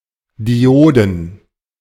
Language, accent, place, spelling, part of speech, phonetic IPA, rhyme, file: German, Germany, Berlin, Dioden, noun, [diˈʔoːdn̩], -oːdn̩, De-Dioden.ogg
- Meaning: plural of Diode